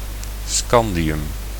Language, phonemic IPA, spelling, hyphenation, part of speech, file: Dutch, /ˈskɑn.di.ʏm/, scandium, scan‧di‧um, noun, Nl-scandium.ogg
- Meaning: scandium (chemical element)